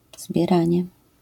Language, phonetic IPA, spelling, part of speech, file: Polish, [zbʲjɛˈrãɲɛ], zbieranie, noun, LL-Q809 (pol)-zbieranie.wav